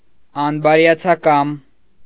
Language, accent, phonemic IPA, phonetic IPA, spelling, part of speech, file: Armenian, Eastern Armenian, /ɑnbɑɾjɑt͡sʰɑˈkɑm/, [ɑnbɑɾjɑt͡sʰɑkɑ́m], անբարյացակամ, adjective, Hy-անբարյացակամ.ogg
- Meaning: unfriendly